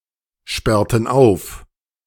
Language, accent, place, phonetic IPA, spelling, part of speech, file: German, Germany, Berlin, [ˌʃpɛʁtn̩ ˈaʊ̯f], sperrten auf, verb, De-sperrten auf.ogg
- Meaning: inflection of aufsperren: 1. first/third-person plural preterite 2. first/third-person plural subjunctive II